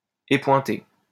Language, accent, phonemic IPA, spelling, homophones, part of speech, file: French, France, /e.pwɛ̃.te/, épointé, épointai / épointée / épointées / épointer / épointés / épointez, adjective / verb, LL-Q150 (fra)-épointé.wav
- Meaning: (adjective) punctured, having a point removed; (verb) past participle of épointer